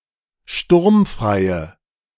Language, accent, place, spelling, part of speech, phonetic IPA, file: German, Germany, Berlin, sturmfreie, adjective, [ˈʃtʊʁmfʁaɪ̯ə], De-sturmfreie.ogg
- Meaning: inflection of sturmfrei: 1. strong/mixed nominative/accusative feminine singular 2. strong nominative/accusative plural 3. weak nominative all-gender singular